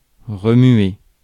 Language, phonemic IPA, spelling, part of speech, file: French, /ʁə.mɥe/, remuer, verb, Fr-remuer.ogg
- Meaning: 1. to move (something, often with repeated, restless or agitated movement, especially a body part); to shake, swing, wag 2. to move; to shift; to shuffle; to rearrange (something around)